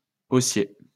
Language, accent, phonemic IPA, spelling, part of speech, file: French, France, /o.sje/, haussier, adjective, LL-Q150 (fra)-haussier.wav
- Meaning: bullish